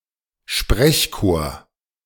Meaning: 1. chorus of voices 2. chant
- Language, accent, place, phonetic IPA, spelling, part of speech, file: German, Germany, Berlin, [ˈʃpʁɛçˌkoːɐ̯], Sprechchor, noun, De-Sprechchor.ogg